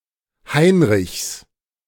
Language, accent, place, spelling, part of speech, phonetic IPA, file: German, Germany, Berlin, Heinrichs, noun, [ˈhaɪ̯nʁɪçs], De-Heinrichs.ogg
- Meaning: genitive of Heinrich